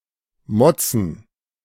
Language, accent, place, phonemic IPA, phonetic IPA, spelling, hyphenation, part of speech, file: German, Germany, Berlin, /ˈmɔt͡sən/, [ˈmɔt͡sn̩], motzen, mot‧zen, verb, De-motzen.ogg
- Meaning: to grouch